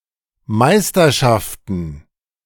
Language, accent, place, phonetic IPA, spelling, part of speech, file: German, Germany, Berlin, [ˈmaɪ̯stɐˌʃaftn̩], Meisterschaften, noun, De-Meisterschaften.ogg
- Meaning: plural of Meisterschaft